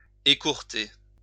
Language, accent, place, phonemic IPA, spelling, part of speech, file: French, France, Lyon, /e.kuʁ.te/, écourter, verb, LL-Q150 (fra)-écourter.wav
- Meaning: 1. to shorten, curtail (make shorter e.g. by cutting) 2. to shorten (become shorter) 3. to dock, clip (cut the tail of e.g. a dog) 4. to cut short, curtail (shorten the time of something)